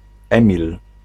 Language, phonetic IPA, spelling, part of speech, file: Polish, [ˈɛ̃mʲil], Emil, proper noun, Pl-Emil.ogg